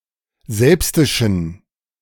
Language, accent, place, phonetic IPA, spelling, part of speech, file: German, Germany, Berlin, [ˈzɛlpstɪʃn̩], selbstischen, adjective, De-selbstischen.ogg
- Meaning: inflection of selbstisch: 1. strong genitive masculine/neuter singular 2. weak/mixed genitive/dative all-gender singular 3. strong/weak/mixed accusative masculine singular 4. strong dative plural